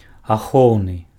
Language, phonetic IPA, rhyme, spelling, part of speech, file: Belarusian, [aˈxou̯nɨ], -ou̯nɨ, ахоўны, adjective, Be-ахоўны.ogg
- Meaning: defensive (intended for defence)